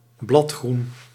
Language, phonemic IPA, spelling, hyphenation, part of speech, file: Dutch, /ˈblɑt.xrun/, bladgroen, blad‧groen, noun, Nl-bladgroen.ogg
- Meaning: chlorophyll